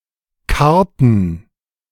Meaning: inflection of karren: 1. first/third-person plural preterite 2. first/third-person plural subjunctive II
- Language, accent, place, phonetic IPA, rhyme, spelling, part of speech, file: German, Germany, Berlin, [ˈkaʁtn̩], -aʁtn̩, karrten, verb, De-karrten.ogg